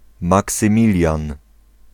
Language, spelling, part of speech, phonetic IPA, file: Polish, Maksymilian, proper noun, [ˌmaksɨ̃ˈmʲilʲjãn], Pl-Maksymilian.ogg